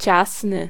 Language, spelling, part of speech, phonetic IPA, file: Polish, ciasny, adjective, [ˈt͡ɕasnɨ], Pl-ciasny.ogg